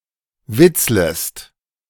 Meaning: second-person singular subjunctive I of witzeln
- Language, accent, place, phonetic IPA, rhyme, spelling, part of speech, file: German, Germany, Berlin, [ˈvɪt͡sləst], -ɪt͡sləst, witzlest, verb, De-witzlest.ogg